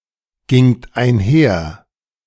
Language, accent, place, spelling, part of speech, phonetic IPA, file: German, Germany, Berlin, gingt einher, verb, [ˌɡɪŋt aɪ̯nˈhɛɐ̯], De-gingt einher.ogg
- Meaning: second-person plural preterite of einhergehen